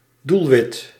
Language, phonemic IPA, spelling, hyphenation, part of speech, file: Dutch, /ˈdul.ʋɪt/, doelwit, doel‧wit, noun, Nl-doelwit.ogg
- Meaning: target (something or someone at which one aims), prey